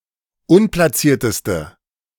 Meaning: inflection of unplatziert: 1. strong/mixed nominative/accusative feminine singular superlative degree 2. strong nominative/accusative plural superlative degree
- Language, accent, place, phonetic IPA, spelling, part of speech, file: German, Germany, Berlin, [ˈʊnplaˌt͡siːɐ̯təstə], unplatzierteste, adjective, De-unplatzierteste.ogg